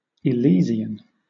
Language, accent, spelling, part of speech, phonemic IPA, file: English, Southern England, Elysian, proper noun / adjective / noun, /ɪˈlɪz.i.ən/, LL-Q1860 (eng)-Elysian.wav
- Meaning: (proper noun) Elysium (“the home of the blessed after death”); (adjective) 1. Of or pertaining to Elysian or Elysium, the location 2. Blissful, happy, heavenly